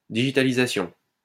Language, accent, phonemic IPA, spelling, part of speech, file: French, France, /di.ʒi.ta.li.za.sjɔ̃/, digitalisation, noun, LL-Q150 (fra)-digitalisation.wav
- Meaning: digitalization